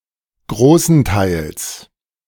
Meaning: to a large part
- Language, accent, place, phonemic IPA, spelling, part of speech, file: German, Germany, Berlin, /ˈɡʁoːsəntaɪ̯ls/, großenteils, adverb, De-großenteils.ogg